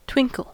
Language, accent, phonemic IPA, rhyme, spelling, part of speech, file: English, US, /ˈtwɪŋ.kəl/, -ɪŋkəl, twinkle, verb / noun, En-us-twinkle.ogg
- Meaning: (verb) 1. To shine with a flickering light; to glimmer 2. To be bright with delight 3. To bat, blink or wink the eyes 4. To flit to and fro; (noun) A sparkle or glimmer of light